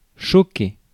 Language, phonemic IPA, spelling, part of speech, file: French, /ʃɔ.ke/, choquer, verb, Fr-choquer.ogg
- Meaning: 1. to hit, to collide 2. to shock (surprise, startle) 3. to offend, to anger (especially in reflexive)